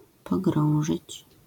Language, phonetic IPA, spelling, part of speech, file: Polish, [pɔˈɡrɔ̃w̃ʒɨt͡ɕ], pogrążyć, verb, LL-Q809 (pol)-pogrążyć.wav